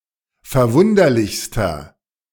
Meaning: inflection of verwunderlich: 1. strong/mixed nominative masculine singular superlative degree 2. strong genitive/dative feminine singular superlative degree
- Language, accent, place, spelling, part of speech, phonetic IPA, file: German, Germany, Berlin, verwunderlichster, adjective, [fɛɐ̯ˈvʊndɐlɪçstɐ], De-verwunderlichster.ogg